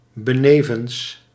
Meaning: besides
- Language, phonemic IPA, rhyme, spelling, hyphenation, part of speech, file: Dutch, /bəˈneː.vəns/, -eːvəns, benevens, be‧ne‧vens, preposition, Nl-benevens.ogg